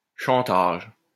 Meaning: blackmail, shakedown (threat to obtain some advantage)
- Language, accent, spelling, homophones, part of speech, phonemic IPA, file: French, France, chantage, chantages, noun, /ʃɑ̃.taʒ/, LL-Q150 (fra)-chantage.wav